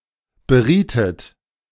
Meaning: inflection of beraten: 1. second-person plural preterite 2. second-person plural subjunctive II
- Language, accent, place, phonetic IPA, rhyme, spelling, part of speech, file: German, Germany, Berlin, [bəˈʁiːtət], -iːtət, berietet, verb, De-berietet.ogg